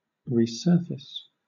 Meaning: 1. To come once again to the surface 2. To surface again; to reappear or re-occur 3. To make something reappear
- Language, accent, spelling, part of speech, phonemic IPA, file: English, Southern England, resurface, verb, /ɹiːˈsɜːfɪs/, LL-Q1860 (eng)-resurface.wav